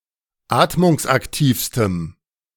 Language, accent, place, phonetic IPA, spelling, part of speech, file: German, Germany, Berlin, [ˈaːtmʊŋsʔakˌtiːfstəm], atmungsaktivstem, adjective, De-atmungsaktivstem.ogg
- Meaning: strong dative masculine/neuter singular superlative degree of atmungsaktiv